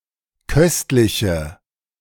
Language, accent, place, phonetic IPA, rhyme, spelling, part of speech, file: German, Germany, Berlin, [ˈkœstlɪçə], -œstlɪçə, köstliche, adjective, De-köstliche.ogg
- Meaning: inflection of köstlich: 1. strong/mixed nominative/accusative feminine singular 2. strong nominative/accusative plural 3. weak nominative all-gender singular